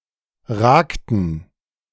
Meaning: inflection of ragen: 1. first/third-person plural preterite 2. first/third-person plural subjunctive II
- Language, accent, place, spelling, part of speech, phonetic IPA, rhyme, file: German, Germany, Berlin, ragten, verb, [ˈʁaːktn̩], -aːktn̩, De-ragten.ogg